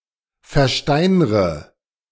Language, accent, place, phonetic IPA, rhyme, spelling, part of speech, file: German, Germany, Berlin, [fɛɐ̯ˈʃtaɪ̯nʁə], -aɪ̯nʁə, versteinre, verb, De-versteinre.ogg
- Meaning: inflection of versteinern: 1. first-person singular present 2. first/third-person singular subjunctive I 3. singular imperative